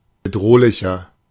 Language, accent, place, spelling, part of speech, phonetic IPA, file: German, Germany, Berlin, bedrohlicher, adjective, [bəˈdʁoːlɪçɐ], De-bedrohlicher.ogg
- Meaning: 1. comparative degree of bedrohlich 2. inflection of bedrohlich: strong/mixed nominative masculine singular 3. inflection of bedrohlich: strong genitive/dative feminine singular